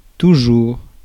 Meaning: 1. always 2. still
- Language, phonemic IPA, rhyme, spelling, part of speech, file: French, /tu.ʒuʁ/, -uʁ, toujours, adverb, Fr-toujours.ogg